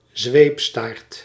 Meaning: flagellum
- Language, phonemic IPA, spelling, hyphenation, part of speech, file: Dutch, /ˈzʋeːp.staːrt/, zweepstaart, zweep‧staart, noun, Nl-zweepstaart.ogg